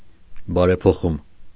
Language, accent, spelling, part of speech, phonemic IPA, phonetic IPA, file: Armenian, Eastern Armenian, բարեփոխում, noun, /bɑɾepʰoˈχum/, [bɑɾepʰoχúm], Hy-բարեփոխում.ogg
- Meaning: reform